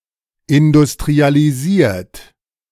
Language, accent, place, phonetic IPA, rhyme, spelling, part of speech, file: German, Germany, Berlin, [ɪndʊstʁialiˈziːɐ̯t], -iːɐ̯t, industrialisiert, verb, De-industrialisiert.ogg
- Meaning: 1. past participle of industrialisieren 2. inflection of industrialisieren: third-person singular present 3. inflection of industrialisieren: second-person plural present